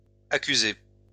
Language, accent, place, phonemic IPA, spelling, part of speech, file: French, France, Lyon, /a.ky.ze/, accusés, verb, LL-Q150 (fra)-accusés.wav
- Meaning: masculine plural of accusé